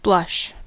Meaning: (noun) 1. An act of blushing; a pink or red glow on the face caused by embarrassment, shame, shyness, love, etc 2. A glow; a flush of colour, especially pink or red
- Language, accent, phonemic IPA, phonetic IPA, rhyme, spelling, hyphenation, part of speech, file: English, US, /ˈblʌʃ/, [ˈblʌʃ], -ʌʃ, blush, blush, noun / verb, En-us-blush.ogg